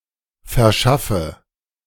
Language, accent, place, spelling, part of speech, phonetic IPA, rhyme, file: German, Germany, Berlin, verschaffe, verb, [fɛɐ̯ˈʃafə], -afə, De-verschaffe.ogg
- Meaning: inflection of verschaffen: 1. first-person singular present 2. first/third-person singular subjunctive I 3. singular imperative